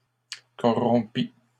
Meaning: third-person singular imperfect subjunctive of corrompre
- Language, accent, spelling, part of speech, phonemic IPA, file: French, Canada, corrompît, verb, /kɔ.ʁɔ̃.pi/, LL-Q150 (fra)-corrompît.wav